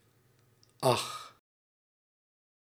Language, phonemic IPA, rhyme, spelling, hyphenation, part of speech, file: Dutch, /ɑx/, -ɑx, ach, ach, interjection, Nl-ach.ogg
- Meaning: oh (expression of compassion, surprise and dismay)